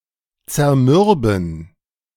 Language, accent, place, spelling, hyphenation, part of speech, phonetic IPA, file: German, Germany, Berlin, zermürben, zer‧mür‧ben, verb, [t͡sɛɐ̯ˈmʏʁbn̩], De-zermürben.ogg
- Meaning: 1. to demoralize 2. to wear down